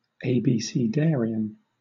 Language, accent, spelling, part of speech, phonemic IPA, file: English, Southern England, abecedarian, noun / adjective, /eɪ.biː.siːˈdɛː.ɹɪ.ən/, LL-Q1860 (eng)-abecedarian.wav
- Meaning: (noun) 1. Someone who is learning the alphabet 2. An elementary student, a novice; one in the early steps of learning